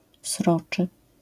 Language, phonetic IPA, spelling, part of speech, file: Polish, [ˈsrɔt͡ʃɨ], sroczy, adjective, LL-Q809 (pol)-sroczy.wav